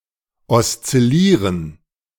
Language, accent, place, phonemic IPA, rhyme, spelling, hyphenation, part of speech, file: German, Germany, Berlin, /ˌɔstsɪˈliːʁən/, -iːʁən, oszillieren, os‧zil‧lie‧ren, verb, De-oszillieren.ogg
- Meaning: to oscillate